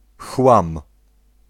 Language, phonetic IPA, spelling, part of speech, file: Polish, [xwãm], chłam, noun, Pl-chłam.ogg